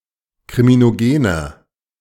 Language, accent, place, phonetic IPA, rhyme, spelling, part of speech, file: German, Germany, Berlin, [kʁiminoˈɡeːnɐ], -eːnɐ, kriminogener, adjective, De-kriminogener.ogg
- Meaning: inflection of kriminogen: 1. strong/mixed nominative masculine singular 2. strong genitive/dative feminine singular 3. strong genitive plural